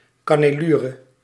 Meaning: flute (groove in a column)
- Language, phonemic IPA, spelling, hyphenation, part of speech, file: Dutch, /kɑ.nɛˈlu.rə/, cannelure, can‧ne‧lu‧re, noun, Nl-cannelure.ogg